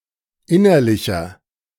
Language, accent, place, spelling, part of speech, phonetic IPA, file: German, Germany, Berlin, innerlicher, adjective, [ˈɪnɐlɪçɐ], De-innerlicher.ogg
- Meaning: inflection of innerlich: 1. strong/mixed nominative masculine singular 2. strong genitive/dative feminine singular 3. strong genitive plural